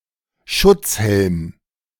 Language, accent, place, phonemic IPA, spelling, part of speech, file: German, Germany, Berlin, /ˈʃʊt͡shɛlm/, Schutzhelm, noun, De-Schutzhelm.ogg
- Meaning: hard hat